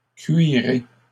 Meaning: 1. inflection of cuirer: second-person plural present indicative 2. inflection of cuirer: second-person plural imperative 3. second-person plural future of cuire
- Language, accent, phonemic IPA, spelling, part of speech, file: French, Canada, /kɥi.ʁe/, cuirez, verb, LL-Q150 (fra)-cuirez.wav